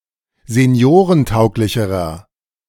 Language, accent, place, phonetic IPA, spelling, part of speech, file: German, Germany, Berlin, [zeˈni̯oːʁənˌtaʊ̯klɪçəʁɐ], seniorentauglicherer, adjective, De-seniorentauglicherer.ogg
- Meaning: inflection of seniorentauglich: 1. strong/mixed nominative masculine singular comparative degree 2. strong genitive/dative feminine singular comparative degree